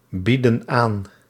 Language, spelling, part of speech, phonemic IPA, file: Dutch, bieden aan, verb, /ˈbidə(n) ˈan/, Nl-bieden aan.ogg
- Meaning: inflection of aanbieden: 1. plural present indicative 2. plural present subjunctive